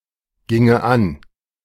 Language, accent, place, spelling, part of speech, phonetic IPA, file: German, Germany, Berlin, ginge an, verb, [ˌɡɪŋə ˈan], De-ginge an.ogg
- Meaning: first/third-person singular subjunctive II of angehen